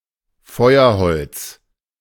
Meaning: firewood
- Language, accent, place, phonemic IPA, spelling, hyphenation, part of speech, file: German, Germany, Berlin, /ˈfɔɪ̯ɐˌhɔlt͡s/, Feuerholz, Feu‧er‧holz, noun, De-Feuerholz.ogg